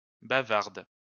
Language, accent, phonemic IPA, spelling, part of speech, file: French, France, /ba.vaʁd/, bavarde, adjective / verb, LL-Q150 (fra)-bavarde.wav
- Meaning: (adjective) feminine singular of bavard; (verb) inflection of bavarder: 1. first/third-person singular present indicative/subjunctive 2. second-person singular imperative